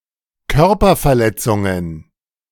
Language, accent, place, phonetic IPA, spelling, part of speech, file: German, Germany, Berlin, [ˈkœʁpɐfɛɐ̯ˌlɛt͡sʊŋən], Körperverletzungen, noun, De-Körperverletzungen.ogg
- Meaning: plural of Körperverletzung